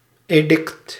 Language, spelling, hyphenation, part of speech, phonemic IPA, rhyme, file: Dutch, edict, edict, noun, /eːˈdɪkt/, -ɪkt, Nl-edict.ogg
- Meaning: edict